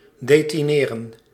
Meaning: to detain
- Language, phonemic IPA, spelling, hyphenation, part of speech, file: Dutch, /deːtiˈneːrə(n)/, detineren, de‧ti‧ne‧ren, verb, Nl-detineren.ogg